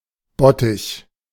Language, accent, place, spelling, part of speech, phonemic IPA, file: German, Germany, Berlin, Bottich, noun, /ˈbɔtɪç/, De-Bottich.ogg
- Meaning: tub, vat (fairly large, open vessel)